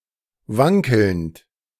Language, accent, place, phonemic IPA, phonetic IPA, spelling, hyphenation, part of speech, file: German, Germany, Berlin, /ˈvaŋkəlnt/, [ˈvaŋkl̩nt], wankelnd, wan‧kelnd, verb / adjective, De-wankelnd.ogg
- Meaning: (verb) present participle of wankeln; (adjective) wavering